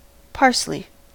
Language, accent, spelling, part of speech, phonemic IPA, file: English, US, parsley, noun / verb, /ˈpɑː(ɹ)sli/, En-us-parsley.ogg
- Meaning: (noun) 1. A bright green, biennial herb, Petroselinum crispum, having many cultivars 2. The leaves of this plant used in Middle Eastern, European, and American cooking